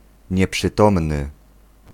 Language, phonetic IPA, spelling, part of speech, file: Polish, [ˌɲɛpʃɨˈtɔ̃mnɨ], nieprzytomny, adjective, Pl-nieprzytomny.ogg